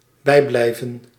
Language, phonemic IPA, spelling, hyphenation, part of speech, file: Dutch, /ˈbɛi̯ˌblɛi̯.və(n)/, bijblijven, bij‧blij‧ven, verb, Nl-bijblijven.ogg
- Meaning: 1. to keep up, to not fall behind 2. to stick with, to persist (in memory)